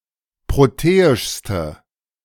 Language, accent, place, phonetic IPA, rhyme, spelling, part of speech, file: German, Germany, Berlin, [ˌpʁoˈteːɪʃstə], -eːɪʃstə, proteischste, adjective, De-proteischste.ogg
- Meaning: inflection of proteisch: 1. strong/mixed nominative/accusative feminine singular superlative degree 2. strong nominative/accusative plural superlative degree